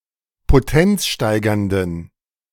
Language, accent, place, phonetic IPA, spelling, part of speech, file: German, Germany, Berlin, [poˈtɛnt͡sˌʃtaɪ̯ɡɐndn̩], potenzsteigernden, adjective, De-potenzsteigernden.ogg
- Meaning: inflection of potenzsteigernd: 1. strong genitive masculine/neuter singular 2. weak/mixed genitive/dative all-gender singular 3. strong/weak/mixed accusative masculine singular 4. strong dative plural